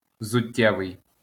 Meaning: shoe, footwear (attributive)
- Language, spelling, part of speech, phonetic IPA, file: Ukrainian, взуттєвий, adjective, [wzʊˈtʲːɛʋei̯], LL-Q8798 (ukr)-взуттєвий.wav